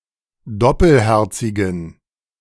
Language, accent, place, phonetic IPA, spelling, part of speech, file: German, Germany, Berlin, [ˈdɔpəlˌhɛʁt͡sɪɡn̩], doppelherzigen, adjective, De-doppelherzigen.ogg
- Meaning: inflection of doppelherzig: 1. strong genitive masculine/neuter singular 2. weak/mixed genitive/dative all-gender singular 3. strong/weak/mixed accusative masculine singular 4. strong dative plural